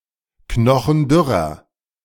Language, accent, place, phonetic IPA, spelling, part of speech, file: German, Germany, Berlin, [ˈknɔxn̩ˈdʏʁɐ], knochendürrer, adjective, De-knochendürrer.ogg
- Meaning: inflection of knochendürr: 1. strong/mixed nominative masculine singular 2. strong genitive/dative feminine singular 3. strong genitive plural